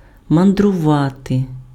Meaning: to travel, to voyage, to tour, to wander, to roam, to rove, to peregrinate, to itinerate (go from place to place)
- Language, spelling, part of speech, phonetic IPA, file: Ukrainian, мандрувати, verb, [mɐndrʊˈʋate], Uk-мандрувати.ogg